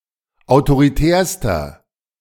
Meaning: inflection of autoritär: 1. strong/mixed nominative masculine singular superlative degree 2. strong genitive/dative feminine singular superlative degree 3. strong genitive plural superlative degree
- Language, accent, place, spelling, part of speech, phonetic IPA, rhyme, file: German, Germany, Berlin, autoritärster, adjective, [aʊ̯toʁiˈtɛːɐ̯stɐ], -ɛːɐ̯stɐ, De-autoritärster.ogg